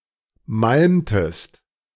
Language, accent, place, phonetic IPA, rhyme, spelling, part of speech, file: German, Germany, Berlin, [ˈmalmtəst], -almtəst, malmtest, verb, De-malmtest.ogg
- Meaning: inflection of malmen: 1. second-person singular preterite 2. second-person singular subjunctive II